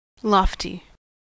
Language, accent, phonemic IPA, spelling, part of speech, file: English, US, /ˈlɔːfti/, lofty, adjective, En-us-lofty.ogg
- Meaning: 1. High, tall, having great height or stature 2. Idealistic, implying over-optimism 3. Extremely proud; arrogant; haughty